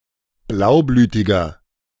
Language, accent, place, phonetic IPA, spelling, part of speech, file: German, Germany, Berlin, [ˈblaʊ̯ˌblyːtɪɡɐ], blaublütiger, adjective, De-blaublütiger.ogg
- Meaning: 1. comparative degree of blaublütig 2. inflection of blaublütig: strong/mixed nominative masculine singular 3. inflection of blaublütig: strong genitive/dative feminine singular